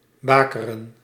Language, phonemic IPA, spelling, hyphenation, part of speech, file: Dutch, /ˈbaːkərə(n)/, bakeren, ba‧ke‧ren, verb, Nl-bakeren.ogg
- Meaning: 1. to dry-nurse 2. to swaddle